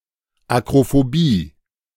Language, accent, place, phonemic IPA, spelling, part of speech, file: German, Germany, Berlin, /akrofoˈbiː/, Akrophobie, noun, De-Akrophobie.ogg
- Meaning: acrophobia, fear of heights